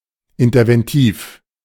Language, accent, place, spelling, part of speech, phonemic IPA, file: German, Germany, Berlin, interventiv, adjective, /ɪntɐvɛnˈtiːf/, De-interventiv.ogg
- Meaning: interventive